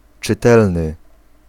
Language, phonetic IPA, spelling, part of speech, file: Polish, [t͡ʃɨˈtɛlnɨ], czytelny, adjective, Pl-czytelny.ogg